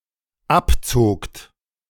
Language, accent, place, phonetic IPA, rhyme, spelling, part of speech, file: German, Germany, Berlin, [ˈapˌt͡soːkt], -apt͡soːkt, abzogt, verb, De-abzogt.ogg
- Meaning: second-person plural dependent preterite of abziehen